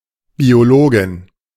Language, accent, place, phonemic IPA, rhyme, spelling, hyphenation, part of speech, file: German, Germany, Berlin, /bioˈloːɡɪn/, -oːɡɪn, Biologin, Bio‧lo‧gin, noun, De-Biologin.ogg
- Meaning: biologist (female)